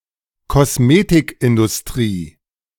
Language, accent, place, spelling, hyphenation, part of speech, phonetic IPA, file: German, Germany, Berlin, Kosmetikindustrie, Kos‧me‧tik‧in‧dus‧t‧rie, noun, [kɔsˈmeːtɪkˌʔɪndʊsˌtʁiː], De-Kosmetikindustrie.ogg
- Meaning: cosmetics industry